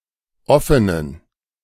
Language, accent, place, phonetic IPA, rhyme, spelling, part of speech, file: German, Germany, Berlin, [ˈɔfənən], -ɔfənən, offenen, adjective, De-offenen.ogg
- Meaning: inflection of offen: 1. strong genitive masculine/neuter singular 2. weak/mixed genitive/dative all-gender singular 3. strong/weak/mixed accusative masculine singular 4. strong dative plural